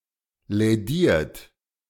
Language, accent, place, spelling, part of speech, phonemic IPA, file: German, Germany, Berlin, lädiert, adjective / verb, /lɛˈdiːɐ̯t/, De-lädiert.ogg
- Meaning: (adjective) bruised, damaged; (verb) 1. past participle of lädieren 2. inflection of lädieren: third-person singular present 3. inflection of lädieren: second-person plural present